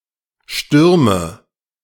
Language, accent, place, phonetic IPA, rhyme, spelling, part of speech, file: German, Germany, Berlin, [ˈʃtʏʁmə], -ʏʁmə, stürme, verb, De-stürme.ogg
- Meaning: inflection of stürmen: 1. first-person singular present 2. first/third-person singular subjunctive I 3. singular imperative